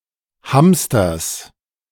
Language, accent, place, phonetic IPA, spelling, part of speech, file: German, Germany, Berlin, [ˈhamstɐs], Hamsters, noun, De-Hamsters.ogg
- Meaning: genitive singular of Hamster